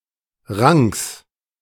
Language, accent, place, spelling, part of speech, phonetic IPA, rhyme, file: German, Germany, Berlin, Ranks, noun, [ʁaŋks], -aŋks, De-Ranks.ogg
- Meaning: genitive singular of Rank